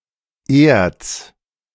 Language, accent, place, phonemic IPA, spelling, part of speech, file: German, Germany, Berlin, /eːrts/, Erz, noun, De-Erz.ogg
- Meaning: ore